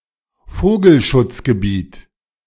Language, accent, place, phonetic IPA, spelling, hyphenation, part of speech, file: German, Germany, Berlin, [ˈfoːɡl̩ʃʊt͡sɡəˌbiːt], Vogelschutzgebiet, Vo‧gel‧schutz‧ge‧biet, noun, De-Vogelschutzgebiet.ogg
- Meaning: bird sanctuary, bird reserve